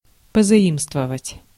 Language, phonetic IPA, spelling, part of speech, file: Russian, [pəzɐˈimstvəvətʲ], позаимствовать, verb, Ru-позаимствовать.ogg
- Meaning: to adopt, to borrow